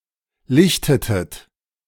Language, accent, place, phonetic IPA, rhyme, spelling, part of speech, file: German, Germany, Berlin, [ˈlɪçtətət], -ɪçtətət, lichtetet, verb, De-lichtetet.ogg
- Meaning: inflection of lichten: 1. second-person plural preterite 2. second-person plural subjunctive II